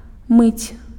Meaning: to wash
- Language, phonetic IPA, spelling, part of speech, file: Belarusian, [mɨt͡sʲ], мыць, verb, Be-мыць.ogg